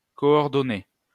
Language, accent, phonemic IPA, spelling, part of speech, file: French, France, /kɔ.ɔʁ.dɔ.ne/, coordonnées, noun / adjective / verb, LL-Q150 (fra)-coordonnées.wav
- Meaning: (noun) 1. plural of coordonnée 2. contact details; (adjective) feminine plural of coordonné